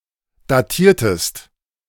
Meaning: inflection of datieren: 1. second-person singular preterite 2. second-person singular subjunctive II
- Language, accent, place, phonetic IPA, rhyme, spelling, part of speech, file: German, Germany, Berlin, [daˈtiːɐ̯təst], -iːɐ̯təst, datiertest, verb, De-datiertest.ogg